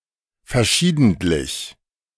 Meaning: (adjective) happening from time to time; happening on various occasions; sporadic (but not with the sense of “rare”); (adverb) from time to time; on various occasions
- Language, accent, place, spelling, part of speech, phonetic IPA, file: German, Germany, Berlin, verschiedentlich, adverb, [fɛɐ̯ˈʃiːdn̩tlɪç], De-verschiedentlich.ogg